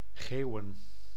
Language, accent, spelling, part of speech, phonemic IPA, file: Dutch, Netherlands, geeuwen, verb / noun, /ˈɣeːu̯ə(n)/, Nl-geeuwen.ogg
- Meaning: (verb) to yawn; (noun) plural of geeuw